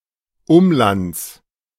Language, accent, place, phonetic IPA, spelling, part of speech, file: German, Germany, Berlin, [ˈʊmˌlant͡s], Umlands, noun, De-Umlands.ogg
- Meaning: genitive singular of Umland